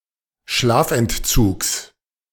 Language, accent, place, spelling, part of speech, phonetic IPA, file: German, Germany, Berlin, Schlafentzugs, noun, [ˈʃlaːfʔɛntˌt͡suːks], De-Schlafentzugs.ogg
- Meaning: genitive of Schlafentzug